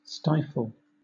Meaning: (verb) To make (an animal or person) unconscious or cause (an animal or person) to die by preventing breathing; to smother, to suffocate
- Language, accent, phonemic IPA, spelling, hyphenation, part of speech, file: English, Southern England, /ˈstaɪfl̩/, stifle, stif‧le, verb / noun, LL-Q1860 (eng)-stifle.wav